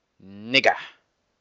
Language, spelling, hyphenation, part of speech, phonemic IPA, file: German, Nigger, Nig‧ger, noun, /ˈnɪɡɐ/, De-Nigger.oga
- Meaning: nigger (male or of unspecified gender)